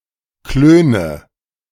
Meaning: inflection of klönen: 1. first-person singular present 2. first/third-person singular subjunctive I 3. singular imperative
- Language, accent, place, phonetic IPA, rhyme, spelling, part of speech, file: German, Germany, Berlin, [ˈkløːnə], -øːnə, klöne, verb, De-klöne.ogg